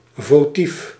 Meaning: votive
- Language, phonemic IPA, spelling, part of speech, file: Dutch, /voˈtif/, votief, adjective / noun, Nl-votief.ogg